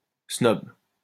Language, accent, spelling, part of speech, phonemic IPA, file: French, France, snob, adjective / noun, /snɔb/, LL-Q150 (fra)-snob.wav
- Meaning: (adjective) snobbish, snobby; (noun) snob